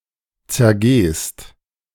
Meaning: second-person singular present of zergehen
- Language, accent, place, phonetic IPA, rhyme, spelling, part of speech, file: German, Germany, Berlin, [t͡sɛɐ̯ˈɡeːst], -eːst, zergehst, verb, De-zergehst.ogg